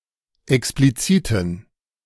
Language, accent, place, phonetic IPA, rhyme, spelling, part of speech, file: German, Germany, Berlin, [ɛkspliˈt͡siːtn̩], -iːtn̩, expliziten, adjective, De-expliziten.ogg
- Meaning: inflection of explizit: 1. strong genitive masculine/neuter singular 2. weak/mixed genitive/dative all-gender singular 3. strong/weak/mixed accusative masculine singular 4. strong dative plural